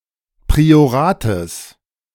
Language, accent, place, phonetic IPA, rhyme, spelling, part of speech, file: German, Germany, Berlin, [pʁioˈʁaːtəs], -aːtəs, Priorates, noun, De-Priorates.ogg
- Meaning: genitive singular of Priorat